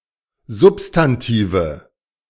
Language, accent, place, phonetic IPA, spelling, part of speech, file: German, Germany, Berlin, [ˈzʊpstanˌtiːvə], Substantive, noun, De-Substantive.ogg
- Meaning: nominative/accusative/genitive plural of Substantiv